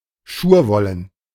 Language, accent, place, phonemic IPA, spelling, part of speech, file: German, Germany, Berlin, /ˈʃuːɐ̯ˌvɔlən/, schurwollen, adjective, De-schurwollen.ogg
- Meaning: virgin wool